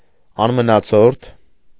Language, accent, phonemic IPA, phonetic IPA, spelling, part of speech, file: Armenian, Eastern Armenian, /ɑnmənɑˈt͡sʰoɾtʰ/, [ɑnmənɑt͡sʰóɾtʰ], անմնացորդ, adjective / adverb, Hy-անմնացորդ.ogg
- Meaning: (adjective) full, complete, total (without anything left behind); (adverb) fully, completely, totally (without leaving anything behind)